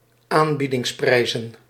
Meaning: plural of aanbiedingsprijs
- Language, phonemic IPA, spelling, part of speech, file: Dutch, /ˈambidɪŋsˌprɛizə(n)/, aanbiedingsprijzen, noun, Nl-aanbiedingsprijzen.ogg